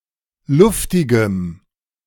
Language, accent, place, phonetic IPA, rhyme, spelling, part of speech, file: German, Germany, Berlin, [ˈlʊftɪɡəm], -ʊftɪɡəm, luftigem, adjective, De-luftigem.ogg
- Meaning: strong dative masculine/neuter singular of luftig